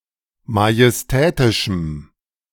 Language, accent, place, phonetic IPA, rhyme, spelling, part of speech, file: German, Germany, Berlin, [majɛsˈtɛːtɪʃm̩], -ɛːtɪʃm̩, majestätischem, adjective, De-majestätischem.ogg
- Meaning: strong dative masculine/neuter singular of majestätisch